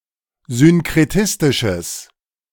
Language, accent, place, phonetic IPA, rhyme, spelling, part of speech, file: German, Germany, Berlin, [zʏnkʁeˈtɪstɪʃəs], -ɪstɪʃəs, synkretistisches, adjective, De-synkretistisches.ogg
- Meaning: strong/mixed nominative/accusative neuter singular of synkretistisch